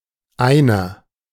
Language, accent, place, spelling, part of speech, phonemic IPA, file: German, Germany, Berlin, Einer, noun, /ˈaɪ̯nɐ/, De-Einer.ogg
- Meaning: 1. unit, unitsʼ place, onesʼ place (the numbers 0 to 9, possibly as part of a larger number or fraction) 2. something made for one person, made up by one item, (especially water sports) single scull